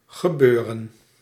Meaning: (verb) to happen; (noun) something which is happening or which happened; event
- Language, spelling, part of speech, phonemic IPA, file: Dutch, gebeuren, verb / noun, /ɣəˈbøːrə(n)/, Nl-gebeuren.ogg